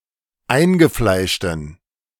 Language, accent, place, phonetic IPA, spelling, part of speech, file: German, Germany, Berlin, [ˈaɪ̯nɡəˌflaɪ̯ʃtn̩], eingefleischten, adjective, De-eingefleischten.ogg
- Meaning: inflection of eingefleischt: 1. strong genitive masculine/neuter singular 2. weak/mixed genitive/dative all-gender singular 3. strong/weak/mixed accusative masculine singular 4. strong dative plural